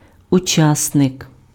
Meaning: participant
- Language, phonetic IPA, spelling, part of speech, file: Ukrainian, [ʊˈt͡ʃasnek], учасник, noun, Uk-учасник.ogg